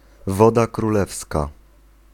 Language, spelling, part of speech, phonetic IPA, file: Polish, woda królewska, noun, [ˈvɔda kruˈlɛfska], Pl-woda królewska.ogg